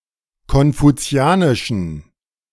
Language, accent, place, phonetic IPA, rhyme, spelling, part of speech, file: German, Germany, Berlin, [kɔnfuˈt͡si̯aːnɪʃn̩], -aːnɪʃn̩, konfuzianischen, adjective, De-konfuzianischen.ogg
- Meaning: inflection of konfuzianisch: 1. strong genitive masculine/neuter singular 2. weak/mixed genitive/dative all-gender singular 3. strong/weak/mixed accusative masculine singular 4. strong dative plural